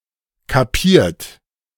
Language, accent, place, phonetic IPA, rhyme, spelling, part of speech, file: German, Germany, Berlin, [kaˈpiːɐ̯t], -iːɐ̯t, kapiert, verb, De-kapiert.ogg
- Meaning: 1. past participle of kapieren 2. inflection of kapieren: third-person singular present 3. inflection of kapieren: second-person plural present 4. inflection of kapieren: plural imperative